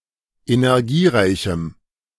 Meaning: strong dative masculine/neuter singular of energiereich
- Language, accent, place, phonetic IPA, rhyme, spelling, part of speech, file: German, Germany, Berlin, [enɛʁˈɡiːˌʁaɪ̯çm̩], -iːʁaɪ̯çm̩, energiereichem, adjective, De-energiereichem.ogg